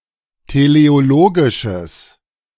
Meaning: strong/mixed nominative/accusative neuter singular of teleologisch
- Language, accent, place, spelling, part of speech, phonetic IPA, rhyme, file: German, Germany, Berlin, teleologisches, adjective, [teleoˈloːɡɪʃəs], -oːɡɪʃəs, De-teleologisches.ogg